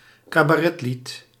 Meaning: song in a cabaret show
- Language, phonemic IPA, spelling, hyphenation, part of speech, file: Dutch, /kaː.baːˈrɛ(t)ˌlit/, cabaretlied, ca‧ba‧ret‧lied, noun, Nl-cabaretlied.ogg